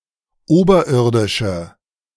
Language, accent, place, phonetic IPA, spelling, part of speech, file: German, Germany, Berlin, [ˈoːbɐˌʔɪʁdɪʃə], oberirdische, adjective, De-oberirdische.ogg
- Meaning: inflection of oberirdisch: 1. strong/mixed nominative/accusative feminine singular 2. strong nominative/accusative plural 3. weak nominative all-gender singular